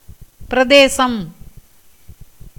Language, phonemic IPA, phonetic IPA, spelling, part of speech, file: Tamil, /pɪɾɐd̪eːtʃɐm/, [pɪɾɐd̪eːsɐm], பிரதேசம், noun, Ta-பிரதேசம்.ogg
- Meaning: 1. region, state, province, territory 2. place, locality